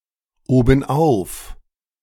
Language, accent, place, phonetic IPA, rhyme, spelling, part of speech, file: German, Germany, Berlin, [ˌoːbn̩ˈʔaʊ̯f], -aʊ̯f, obenauf, adverb, De-obenauf.ogg
- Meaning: 1. on top 2. on top of things; happy, healthy, cheerful